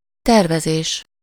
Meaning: planning
- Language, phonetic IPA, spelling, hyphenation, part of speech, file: Hungarian, [ˈtɛrvɛzeːʃ], tervezés, ter‧ve‧zés, noun, Hu-tervezés.ogg